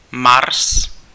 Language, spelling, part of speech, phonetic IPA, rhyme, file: Czech, Mars, proper noun, [ˈmars], -ars, Cs-Mars.ogg
- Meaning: 1. Mars, the fourth planet in the solar system 2. Mars, the Roman god of war